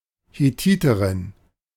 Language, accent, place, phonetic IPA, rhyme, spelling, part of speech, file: German, Germany, Berlin, [heˈtiːtəʁɪn], -iːtəʁɪn, Hethiterin, noun, De-Hethiterin.ogg
- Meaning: Hittite (a woman from the Hittite people)